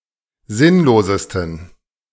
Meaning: 1. superlative degree of sinnlos 2. inflection of sinnlos: strong genitive masculine/neuter singular superlative degree
- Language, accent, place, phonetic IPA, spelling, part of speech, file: German, Germany, Berlin, [ˈzɪnloːzəstn̩], sinnlosesten, adjective, De-sinnlosesten.ogg